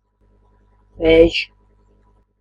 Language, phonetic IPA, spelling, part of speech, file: Latvian, [vɛ̄ːjʃ], vējš, noun, Lv-vējš.ogg
- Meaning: wind (air in motion due to uneven atmospheric pressure)